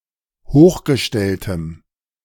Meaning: strong dative masculine/neuter singular of hochgestellt
- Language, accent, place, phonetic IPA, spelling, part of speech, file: German, Germany, Berlin, [ˈhoːxɡəˌʃtɛltəm], hochgestelltem, adjective, De-hochgestelltem.ogg